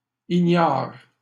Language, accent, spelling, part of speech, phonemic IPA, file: French, Canada, ignare, adjective, /i.ɲaʁ/, LL-Q150 (fra)-ignare.wav
- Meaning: ignorant